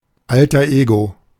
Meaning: alter ego
- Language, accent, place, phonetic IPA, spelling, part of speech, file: German, Germany, Berlin, [ˈaltɐ ˈeːɡo], Alter Ego, phrase, De-Alter Ego.ogg